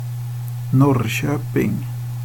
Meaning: a city in Östergötland, eastern Sweden, the tenth-largest city in Sweden
- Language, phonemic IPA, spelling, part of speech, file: Swedish, /²nɔrːˌɕøːpɪŋ/, Norrköping, proper noun, Sv-Norrköping.ogg